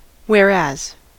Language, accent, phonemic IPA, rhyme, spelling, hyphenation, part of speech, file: English, US, /(h)wɛɹˈæz/, -æz, whereas, where‧as, adverb / conjunction / noun, En-us-whereas.ogg
- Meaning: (adverb) Where (that); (conjunction) In contrast; whilst on the contrary; although